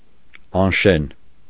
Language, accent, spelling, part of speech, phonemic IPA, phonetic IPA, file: Armenian, Eastern Armenian, անշեն, adjective, /ɑnˈʃen/, [ɑnʃén], Hy-անշեն.ogg
- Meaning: uninhabited, unoccupied, vacant